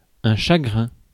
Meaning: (noun) sorrow, grief, chagrin; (adjective) 1. despondent, woeful 2. disgruntled, morose
- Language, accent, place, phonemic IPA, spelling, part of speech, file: French, France, Paris, /ʃa.ɡʁɛ̃/, chagrin, noun / adjective, Fr-chagrin.ogg